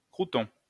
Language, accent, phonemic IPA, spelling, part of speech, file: French, France, /kʁu.tɔ̃/, croûton, noun, LL-Q150 (fra)-croûton.wav
- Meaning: 1. heel (end-piece of a loaf of bread) 2. crouton 3. a backwards, mediocre person